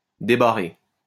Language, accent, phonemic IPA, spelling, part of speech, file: French, France, /de.ba.ʁe/, débarrer, verb, LL-Q150 (fra)-débarrer.wav
- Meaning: to unbar (remove a bar from)